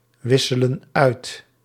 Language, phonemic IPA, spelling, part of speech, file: Dutch, /ˈwɪsələ(n) ˈœyt/, wisselen uit, verb, Nl-wisselen uit.ogg
- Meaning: inflection of uitwisselen: 1. plural present indicative 2. plural present subjunctive